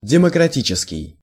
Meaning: democratic
- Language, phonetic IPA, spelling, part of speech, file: Russian, [dʲɪməkrɐˈtʲit͡ɕɪskʲɪj], демократический, adjective, Ru-демократический.ogg